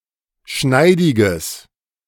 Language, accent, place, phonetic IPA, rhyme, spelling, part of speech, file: German, Germany, Berlin, [ˈʃnaɪ̯dɪɡəs], -aɪ̯dɪɡəs, schneidiges, adjective, De-schneidiges.ogg
- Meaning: strong/mixed nominative/accusative neuter singular of schneidig